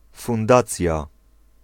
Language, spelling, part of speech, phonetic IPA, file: Polish, fundacja, noun, [fũnˈdat͡sʲja], Pl-fundacja.ogg